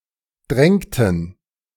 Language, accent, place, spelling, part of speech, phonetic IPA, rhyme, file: German, Germany, Berlin, drängten, verb, [ˈdʁɛŋtn̩], -ɛŋtn̩, De-drängten.ogg
- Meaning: inflection of drängen: 1. first/third-person plural preterite 2. first/third-person plural subjunctive II